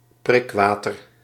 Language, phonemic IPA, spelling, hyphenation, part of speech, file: Dutch, /ˈprɪkˌʋaː.tər/, prikwater, prik‧wa‧ter, noun, Nl-prikwater.ogg
- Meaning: carbonated water, soda water